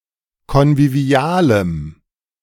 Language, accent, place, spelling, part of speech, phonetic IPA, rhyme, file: German, Germany, Berlin, konvivialem, adjective, [kɔnviˈvi̯aːləm], -aːləm, De-konvivialem.ogg
- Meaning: strong dative masculine/neuter singular of konvivial